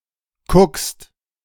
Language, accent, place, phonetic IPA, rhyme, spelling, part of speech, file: German, Germany, Berlin, [kʊkst], -ʊkst, kuckst, verb, De-kuckst.ogg
- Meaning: second-person singular present of kucken